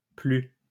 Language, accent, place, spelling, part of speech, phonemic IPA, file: French, France, Lyon, plu, verb, /ply/, LL-Q150 (fra)-plu.wav
- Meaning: 1. past participle of pleuvoir 2. past participle of plaire